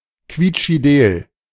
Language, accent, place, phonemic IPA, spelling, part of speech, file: German, Germany, Berlin, /ˌkviːtʃfiˈdeːl/, quietschfidel, adjective, De-quietschfidel.ogg
- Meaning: extremely cheerful